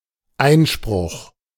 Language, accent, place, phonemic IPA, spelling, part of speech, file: German, Germany, Berlin, /ˈaɪ̯nʃpʁʊx/, Einspruch, noun / interjection, De-Einspruch.ogg
- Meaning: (noun) objection, protest, appeal; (interjection) objection! (kind of protest in the court procedures of some countries)